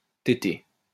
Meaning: 1. to suckle (on a mother's teat) 2. to brownnose
- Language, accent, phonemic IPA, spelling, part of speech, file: French, France, /te.te/, téter, verb, LL-Q150 (fra)-téter.wav